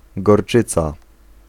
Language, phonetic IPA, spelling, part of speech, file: Polish, [ɡɔrˈt͡ʃɨt͡sa], gorczyca, noun, Pl-gorczyca.ogg